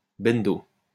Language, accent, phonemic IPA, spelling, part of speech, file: French, France, /bɛn.do/, bendo, noun, LL-Q150 (fra)-bendo.wav
- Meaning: inferior living environment, banlieue, ghetto